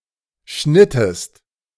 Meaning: inflection of schneiden: 1. second-person singular preterite 2. second-person singular subjunctive II
- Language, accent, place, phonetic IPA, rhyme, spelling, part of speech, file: German, Germany, Berlin, [ˈʃnɪtəst], -ɪtəst, schnittest, verb, De-schnittest.ogg